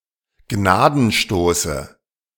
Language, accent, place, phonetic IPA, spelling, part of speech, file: German, Germany, Berlin, [ˈɡnaːdn̩ˌʃtoːsə], Gnadenstoße, noun, De-Gnadenstoße.ogg
- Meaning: dative singular of Gnadenstoß